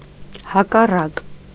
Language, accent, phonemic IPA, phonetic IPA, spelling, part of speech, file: Armenian, Eastern Armenian, /hɑkɑˈrɑk/, [hɑkɑrɑ́k], հակառակ, adjective / adverb, Hy-հակառակ.ogg
- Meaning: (adjective) opposite, contrary; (adverb) against